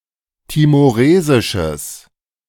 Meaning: strong/mixed nominative/accusative neuter singular of timoresisch
- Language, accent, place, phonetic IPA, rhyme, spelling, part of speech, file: German, Germany, Berlin, [timoˈʁeːzɪʃəs], -eːzɪʃəs, timoresisches, adjective, De-timoresisches.ogg